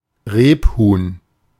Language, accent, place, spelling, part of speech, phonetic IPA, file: German, Germany, Berlin, Rebhuhn, noun, [ˈʁeːpˌhuːn], De-Rebhuhn.ogg
- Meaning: 1. grey partridge (Perdix perdix) 2. partridge (Perdix; any bird of the genus of Galliform gamebirds known collectively as the 'true partridges') (Chiefly used in plural.)